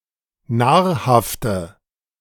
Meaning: inflection of nahrhaft: 1. strong/mixed nominative/accusative feminine singular 2. strong nominative/accusative plural 3. weak nominative all-gender singular
- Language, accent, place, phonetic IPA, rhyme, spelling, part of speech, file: German, Germany, Berlin, [ˈnaːɐ̯haftə], -aːɐ̯haftə, nahrhafte, adjective, De-nahrhafte.ogg